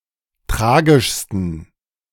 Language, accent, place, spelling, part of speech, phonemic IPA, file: German, Germany, Berlin, tragischsten, adjective, /ˈtʁaːɡɪʃstən/, De-tragischsten.ogg
- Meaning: 1. superlative degree of tragisch 2. inflection of tragisch: strong genitive masculine/neuter singular superlative degree